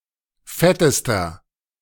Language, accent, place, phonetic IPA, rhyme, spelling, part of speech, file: German, Germany, Berlin, [ˈfɛtəstɐ], -ɛtəstɐ, fettester, adjective, De-fettester.ogg
- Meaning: inflection of fett: 1. strong/mixed nominative masculine singular superlative degree 2. strong genitive/dative feminine singular superlative degree 3. strong genitive plural superlative degree